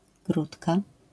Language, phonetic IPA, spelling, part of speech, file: Polish, [ˈɡrutka], grudka, noun, LL-Q809 (pol)-grudka.wav